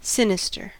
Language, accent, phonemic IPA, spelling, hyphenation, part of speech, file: English, US, /ˈsɪ.nɪ.stəɹ/, sinister, si‧ni‧ster, adjective, En-us-sinister.ogg
- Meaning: 1. Inauspicious, ominous, unlucky, illegitimate 2. Evil or seemingly evil; indicating lurking danger or harm 3. Of the left side